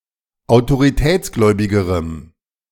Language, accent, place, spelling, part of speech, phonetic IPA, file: German, Germany, Berlin, autoritätsgläubigerem, adjective, [aʊ̯toʁiˈtɛːt͡sˌɡlɔɪ̯bɪɡəʁəm], De-autoritätsgläubigerem.ogg
- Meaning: strong dative masculine/neuter singular comparative degree of autoritätsgläubig